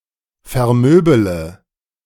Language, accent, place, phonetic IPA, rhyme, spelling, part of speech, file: German, Germany, Berlin, [fɛɐ̯ˈmøːbələ], -øːbələ, vermöbele, verb, De-vermöbele.ogg
- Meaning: inflection of vermöbeln: 1. first-person singular present 2. first-person plural subjunctive I 3. third-person singular subjunctive I 4. singular imperative